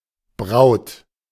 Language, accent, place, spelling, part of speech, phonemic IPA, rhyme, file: German, Germany, Berlin, Braut, noun, /bʁaʊ̯t/, -aʊ̯t, De-Braut.ogg
- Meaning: 1. bride; a woman taking part in a marriage 2. a girlfriend, young woman, broad